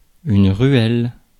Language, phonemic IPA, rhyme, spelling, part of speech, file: French, /ʁɥɛl/, -ɥɛl, ruelle, noun, Fr-ruelle.ogg
- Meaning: 1. lane/laneway, alley/alleyway 2. ruelle (a space between bed and wall) 3. ruelle (a room used to hold literary gatherings)